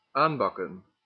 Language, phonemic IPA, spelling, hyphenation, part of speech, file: Dutch, /ˈaːnˌbɑkə(n)/, aanbakken, aan‧bak‧ken, verb, Nl-aanbakken.ogg
- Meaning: 1. to burn to the pan 2. to sear, char